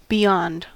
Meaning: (preposition) 1. Further away than 2. On the far side of 3. Later than; after 4. Greater than; so as to exceed or surpass 5. In addition to; supplementing 6. Past, or out of reach of
- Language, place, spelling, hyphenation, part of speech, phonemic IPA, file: English, California, beyond, be‧yond, preposition / adverb / noun, /biˈ(j)ɑnd/, En-us-beyond.ogg